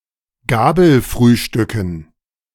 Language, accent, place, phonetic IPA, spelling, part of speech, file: German, Germany, Berlin, [ˈɡaːbl̩ˌfʁyːʃtʏkn̩], Gabelfrühstücken, noun, De-Gabelfrühstücken.ogg
- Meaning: dative plural of Gabelfrühstück